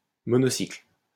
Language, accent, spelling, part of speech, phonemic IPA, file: French, France, monocycle, noun, /mɔ.nɔ.sikl/, LL-Q150 (fra)-monocycle.wav
- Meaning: unicycle (one-wheeled pedaled cycle)